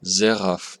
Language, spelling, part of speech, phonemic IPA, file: German, Seraph, noun, /ˈzeːʁaf/, De-Seraph.ogg
- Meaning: seraph (highest order of angels)